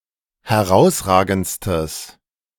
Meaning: strong/mixed nominative/accusative neuter singular superlative degree of herausragend
- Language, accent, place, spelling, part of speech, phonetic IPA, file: German, Germany, Berlin, herausragendstes, adjective, [hɛˈʁaʊ̯sˌʁaːɡn̩t͡stəs], De-herausragendstes.ogg